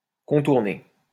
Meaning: 1. to circumvent, to bypass, to skirt around 2. to travel from one place to another, to visit several places
- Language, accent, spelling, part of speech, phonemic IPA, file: French, France, contourner, verb, /kɔ̃.tuʁ.ne/, LL-Q150 (fra)-contourner.wav